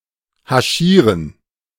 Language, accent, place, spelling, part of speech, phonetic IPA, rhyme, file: German, Germany, Berlin, haschieren, verb, [haˈʃiːʁən], -iːʁən, De-haschieren.ogg
- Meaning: to hash